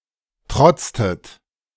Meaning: inflection of trotzen: 1. second-person plural preterite 2. second-person plural subjunctive II
- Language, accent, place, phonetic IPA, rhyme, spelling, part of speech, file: German, Germany, Berlin, [ˈtʁɔt͡stət], -ɔt͡stət, trotztet, verb, De-trotztet.ogg